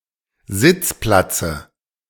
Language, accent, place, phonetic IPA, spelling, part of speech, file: German, Germany, Berlin, [ˈzɪt͡sˌplat͡sə], Sitzplatze, noun, De-Sitzplatze.ogg
- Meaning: dative of Sitzplatz